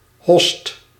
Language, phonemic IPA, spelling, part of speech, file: Dutch, /ɦɔst/, host, verb, Nl-host.ogg
- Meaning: inflection of hossen: 1. second/third-person singular present indicative 2. plural imperative